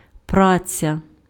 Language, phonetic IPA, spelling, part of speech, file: Ukrainian, [ˈprat͡sʲɐ], праця, noun, Uk-праця.ogg
- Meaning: work, labor